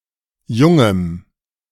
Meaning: strong dative singular of Junges
- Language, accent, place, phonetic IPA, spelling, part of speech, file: German, Germany, Berlin, [ˈjʊŋəm], Jungem, noun, De-Jungem.ogg